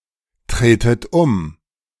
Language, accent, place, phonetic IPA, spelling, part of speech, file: German, Germany, Berlin, [ˌtʁeːtət ˈʊm], tretet um, verb, De-tretet um.ogg
- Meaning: inflection of umtreten: 1. second-person plural present 2. second-person plural subjunctive I 3. plural imperative